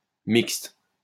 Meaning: 1. mixed; varied 2. Relating to, or containing individuals of both sexes
- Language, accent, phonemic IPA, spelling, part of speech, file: French, France, /mikst/, mixte, adjective, LL-Q150 (fra)-mixte.wav